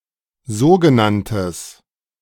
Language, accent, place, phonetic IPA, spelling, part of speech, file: German, Germany, Berlin, [ˈzoːɡəˌnantəs], sogenanntes, adjective, De-sogenanntes.ogg
- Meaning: strong/mixed nominative/accusative neuter singular of sogenannt